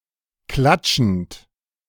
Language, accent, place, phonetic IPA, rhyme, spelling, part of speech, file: German, Germany, Berlin, [ˈklat͡ʃn̩t], -at͡ʃn̩t, klatschend, verb, De-klatschend.ogg
- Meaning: present participle of klatschen